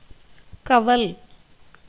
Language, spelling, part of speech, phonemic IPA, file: Tamil, கவல், verb, /kɐʋɐl/, Ta-கவல்.ogg
- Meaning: to be distressed, anxious, troubled